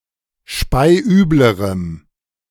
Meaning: strong dative masculine/neuter singular comparative degree of speiübel
- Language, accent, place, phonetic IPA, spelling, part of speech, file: German, Germany, Berlin, [ˈʃpaɪ̯ˈʔyːbləʁəm], speiüblerem, adjective, De-speiüblerem.ogg